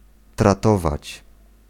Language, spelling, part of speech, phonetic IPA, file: Polish, tratować, verb, [traˈtɔvat͡ɕ], Pl-tratować.ogg